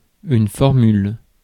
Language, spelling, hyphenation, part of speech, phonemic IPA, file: French, formule, for‧mule, noun, /fɔʁ.myl/, Fr-formule.ogg
- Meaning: 1. formula 2. menu offer, set meal